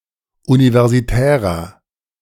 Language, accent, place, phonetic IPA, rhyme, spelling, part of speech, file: German, Germany, Berlin, [ˌunivɛʁziˈtɛːʁɐ], -ɛːʁɐ, universitärer, adjective, De-universitärer.ogg
- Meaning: inflection of universitär: 1. strong/mixed nominative masculine singular 2. strong genitive/dative feminine singular 3. strong genitive plural